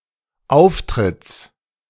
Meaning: genitive singular of Auftritt
- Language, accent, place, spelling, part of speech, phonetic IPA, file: German, Germany, Berlin, Auftritts, noun, [ˈaʊ̯fˌtʁɪt͡s], De-Auftritts.ogg